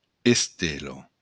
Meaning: star (celestial body)
- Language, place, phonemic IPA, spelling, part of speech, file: Occitan, Béarn, /esˈte.lɔ/, estela, noun, LL-Q14185 (oci)-estela.wav